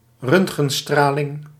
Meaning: X-ray radiation
- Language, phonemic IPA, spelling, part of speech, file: Dutch, /ˈrøntxənˌstralɪŋ/, röntgenstraling, noun, Nl-röntgenstraling.ogg